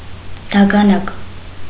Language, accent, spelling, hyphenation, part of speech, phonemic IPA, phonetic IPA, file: Armenian, Eastern Armenian, դագանակ, դա‧գա‧նակ, noun, /dɑɡɑˈnɑk/, [dɑɡɑnɑ́k], Hy-դագանակ.ogg
- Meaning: stick, cane, rod